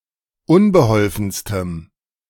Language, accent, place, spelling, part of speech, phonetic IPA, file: German, Germany, Berlin, unbeholfenstem, adjective, [ˈʊnbəˌhɔlfn̩stəm], De-unbeholfenstem.ogg
- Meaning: strong dative masculine/neuter singular superlative degree of unbeholfen